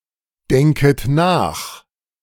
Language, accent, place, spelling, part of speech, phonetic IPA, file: German, Germany, Berlin, denket nach, verb, [ˌdɛŋkət ˈnaːx], De-denket nach.ogg
- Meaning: second-person plural subjunctive I of nachdenken